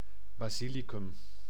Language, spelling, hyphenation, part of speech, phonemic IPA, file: Dutch, basilicum, ba‧si‧li‧cum, noun, /ˌbaːˈzi.li.kʏm/, Nl-basilicum.ogg
- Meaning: basil, name of some plants of the mint family, notably: 1. Ocimum basilicum, an ornamental plant 2. Ocimum suave, cultivated for cookery